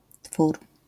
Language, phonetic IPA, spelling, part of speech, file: Polish, [tfur], twór, noun, LL-Q809 (pol)-twór.wav